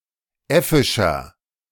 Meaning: 1. comparative degree of äffisch 2. inflection of äffisch: strong/mixed nominative masculine singular 3. inflection of äffisch: strong genitive/dative feminine singular
- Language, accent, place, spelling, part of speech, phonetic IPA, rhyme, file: German, Germany, Berlin, äffischer, adjective, [ˈɛfɪʃɐ], -ɛfɪʃɐ, De-äffischer.ogg